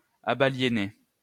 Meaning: past participle of abaliéner
- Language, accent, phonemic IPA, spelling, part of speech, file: French, France, /a.ba.lje.ne/, abaliéné, verb, LL-Q150 (fra)-abaliéné.wav